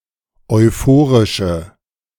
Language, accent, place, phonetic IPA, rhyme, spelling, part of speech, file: German, Germany, Berlin, [ɔɪ̯ˈfoːʁɪʃə], -oːʁɪʃə, euphorische, adjective, De-euphorische.ogg
- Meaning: inflection of euphorisch: 1. strong/mixed nominative/accusative feminine singular 2. strong nominative/accusative plural 3. weak nominative all-gender singular